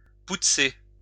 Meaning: to clean
- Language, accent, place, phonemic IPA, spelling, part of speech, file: French, France, Lyon, /put.se/, poutzer, verb, LL-Q150 (fra)-poutzer.wav